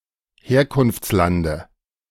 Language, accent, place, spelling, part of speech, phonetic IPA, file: German, Germany, Berlin, Herkunftslande, noun, [ˈheːɐ̯kʊnft͡sˌlandə], De-Herkunftslande.ogg
- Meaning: dative singular of Herkunftsland